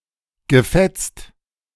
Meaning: past participle of fetzen
- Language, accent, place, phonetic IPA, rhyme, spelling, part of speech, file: German, Germany, Berlin, [ɡəˈfɛt͡st], -ɛt͡st, gefetzt, verb, De-gefetzt.ogg